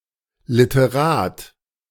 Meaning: man of letters, author (male or of unspecified gender)
- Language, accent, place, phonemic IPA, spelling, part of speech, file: German, Germany, Berlin, /lɪtəˈʁaːt/, Literat, noun, De-Literat.ogg